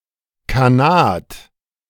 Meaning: khanate
- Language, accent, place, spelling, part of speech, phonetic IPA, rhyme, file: German, Germany, Berlin, Khanat, noun, [kaˈnaːt], -aːt, De-Khanat.ogg